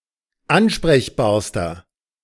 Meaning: inflection of ansprechbar: 1. strong/mixed nominative masculine singular superlative degree 2. strong genitive/dative feminine singular superlative degree 3. strong genitive plural superlative degree
- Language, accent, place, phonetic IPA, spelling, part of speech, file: German, Germany, Berlin, [ˈanʃpʁɛçbaːɐ̯stɐ], ansprechbarster, adjective, De-ansprechbarster.ogg